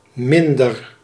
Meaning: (determiner) comparative degree of weinig; less; fewer; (adverb) comparative degree of weinig; less; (adjective) 1. worse, not as good 2. less fortunate
- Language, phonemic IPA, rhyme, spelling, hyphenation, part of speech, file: Dutch, /ˈmɪn.dər/, -ɪndər, minder, min‧der, determiner / adverb / adjective / verb, Nl-minder.ogg